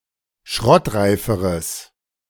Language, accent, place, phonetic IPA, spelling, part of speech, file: German, Germany, Berlin, [ˈʃʁɔtˌʁaɪ̯fəʁəs], schrottreiferes, adjective, De-schrottreiferes.ogg
- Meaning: strong/mixed nominative/accusative neuter singular comparative degree of schrottreif